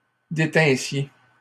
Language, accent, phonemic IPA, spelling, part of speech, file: French, Canada, /de.tɛ̃.sje/, détinssiez, verb, LL-Q150 (fra)-détinssiez.wav
- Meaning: second-person plural imperfect subjunctive of détenir